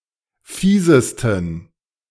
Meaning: 1. superlative degree of fies 2. inflection of fies: strong genitive masculine/neuter singular superlative degree
- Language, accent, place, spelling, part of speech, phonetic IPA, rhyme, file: German, Germany, Berlin, fiesesten, adjective, [ˈfiːzəstn̩], -iːzəstn̩, De-fiesesten.ogg